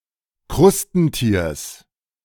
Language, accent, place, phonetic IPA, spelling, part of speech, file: German, Germany, Berlin, [ˈkʁʊstn̩ˌtiːɐ̯s], Krustentiers, noun, De-Krustentiers.ogg
- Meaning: genitive singular of Krustentier